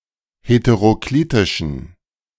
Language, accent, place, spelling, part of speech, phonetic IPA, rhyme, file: German, Germany, Berlin, heteroklitischen, adjective, [hetəʁoˈkliːtɪʃn̩], -iːtɪʃn̩, De-heteroklitischen.ogg
- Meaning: inflection of heteroklitisch: 1. strong genitive masculine/neuter singular 2. weak/mixed genitive/dative all-gender singular 3. strong/weak/mixed accusative masculine singular 4. strong dative plural